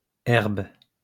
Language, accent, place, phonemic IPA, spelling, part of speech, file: French, France, Lyon, /ɛʁb/, herbes, noun, LL-Q150 (fra)-herbes.wav
- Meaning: plural of herbe